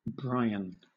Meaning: 1. A male given name from Irish, a less common alternative spelling of Brian 2. A surname from Irish [in turn originating as a patronymic] derived from Brian
- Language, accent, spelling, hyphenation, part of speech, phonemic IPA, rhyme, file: English, Southern England, Bryan, Bry‧an, proper noun, /ˈbɹaɪən/, -aɪən, LL-Q1860 (eng)-Bryan.wav